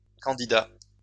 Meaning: plural of candidat
- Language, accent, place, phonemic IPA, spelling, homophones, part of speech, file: French, France, Lyon, /kɑ̃.di.da/, candidats, candidat, noun, LL-Q150 (fra)-candidats.wav